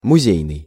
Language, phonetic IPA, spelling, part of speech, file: Russian, [mʊˈzʲejnɨj], музейный, adjective, Ru-музейный.ogg
- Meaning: museum, museal